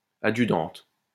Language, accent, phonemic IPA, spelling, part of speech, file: French, France, /a.dʒy.dɑ̃t/, adjudante, noun, LL-Q150 (fra)-adjudante.wav
- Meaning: female equivalent of adjudant